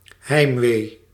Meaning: homesickness
- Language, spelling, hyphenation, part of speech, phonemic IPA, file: Dutch, heimwee, heim‧wee, noun, /ˈɦɛi̯mʋeː/, Nl-heimwee.ogg